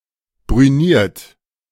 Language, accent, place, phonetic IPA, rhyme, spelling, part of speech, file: German, Germany, Berlin, [bʁyˈniːɐ̯t], -iːɐ̯t, brüniert, verb, De-brüniert.ogg
- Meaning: 1. past participle of brünieren 2. inflection of brünieren: second-person plural present 3. inflection of brünieren: third-person singular present 4. inflection of brünieren: plural imperative